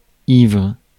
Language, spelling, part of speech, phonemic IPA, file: French, ivre, adjective, /ivʁ/, Fr-ivre.ogg
- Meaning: 1. drunk, inebriated (by alcohol) 2. drunk, intoxicated, overwhelmed